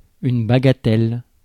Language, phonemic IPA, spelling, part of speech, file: French, /ba.ɡa.tɛl/, bagatelle, noun, Fr-bagatelle.ogg
- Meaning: 1. bagatelle, trinket, bauble 2. trifle